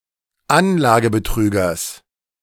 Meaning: genitive singular of Anlagebetrüger
- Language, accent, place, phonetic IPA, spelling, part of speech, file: German, Germany, Berlin, [ˈanlaːɡəbəˌtʁyːɡɐs], Anlagebetrügers, noun, De-Anlagebetrügers.ogg